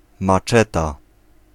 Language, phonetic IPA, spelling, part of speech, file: Polish, [maˈt͡ʃɛta], maczeta, noun, Pl-maczeta.ogg